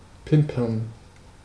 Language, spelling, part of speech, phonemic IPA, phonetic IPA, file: German, pimpern, verb, /ˈpɪmpəʁn/, [ˈpʰɪmpɐn], De-pimpern.ogg
- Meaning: to fuck